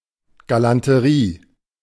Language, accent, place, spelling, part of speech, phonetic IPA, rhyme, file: German, Germany, Berlin, Galanterie, noun, [ɡalantəˈʁiː], -iː, De-Galanterie.ogg
- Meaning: gallantry